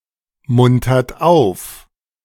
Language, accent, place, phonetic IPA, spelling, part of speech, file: German, Germany, Berlin, [ˌmʊntɐt ˈaʊ̯f], muntert auf, verb, De-muntert auf.ogg
- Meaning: inflection of aufmuntern: 1. third-person singular present 2. second-person plural present 3. plural imperative